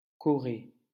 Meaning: Korea
- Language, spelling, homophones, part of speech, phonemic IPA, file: French, Corée, chorée, proper noun, /kɔ.ʁe/, LL-Q150 (fra)-Corée.wav